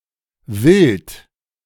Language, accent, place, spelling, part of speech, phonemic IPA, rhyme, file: German, Germany, Berlin, wild, adjective, /vɪlt/, -ɪlt, De-wild.ogg
- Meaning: 1. wild (of animals, etc.) 2. wild, unrestrained, raucous (of behavior, parties, etc.) 3. crazy, hard to believe (of stories, situations, etc.) 4. strange